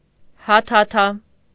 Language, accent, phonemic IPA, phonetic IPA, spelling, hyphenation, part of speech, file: Armenian, Eastern Armenian, /hɑtʰɑˈtʰɑ/, [hɑtʰɑtʰɑ́], հաթաթա, հա‧թա‧թա, noun, Hy-հաթաթա.ogg
- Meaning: threat